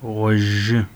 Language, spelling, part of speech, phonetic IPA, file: Adyghe, гъожьы, adjective / noun, [ʁʷaʑə], ʁʷaʑə.ogg
- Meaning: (adjective) yellow; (noun) yellow color